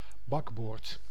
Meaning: port (left-hand side of a vessel)
- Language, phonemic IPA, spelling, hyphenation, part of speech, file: Dutch, /ˈbɑk.boːrt/, bakboord, bak‧boord, noun, Nl-bakboord.ogg